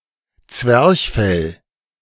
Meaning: 1. diaphragm 2. midriff 3. the seat of human emotion, the heart 4. the organ involved in laughter
- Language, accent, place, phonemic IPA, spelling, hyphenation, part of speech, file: German, Germany, Berlin, /ˈt͡svɛrçˌfɛl/, Zwerchfell, Zwerch‧fell, noun, De-Zwerchfell.ogg